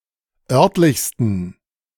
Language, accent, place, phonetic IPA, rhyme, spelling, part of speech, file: German, Germany, Berlin, [ˈœʁtlɪçstn̩], -œʁtlɪçstn̩, örtlichsten, adjective, De-örtlichsten.ogg
- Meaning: 1. superlative degree of örtlich 2. inflection of örtlich: strong genitive masculine/neuter singular superlative degree